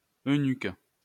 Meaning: eunuch
- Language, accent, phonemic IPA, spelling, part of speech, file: French, France, /ø.nyk/, eunuque, noun, LL-Q150 (fra)-eunuque.wav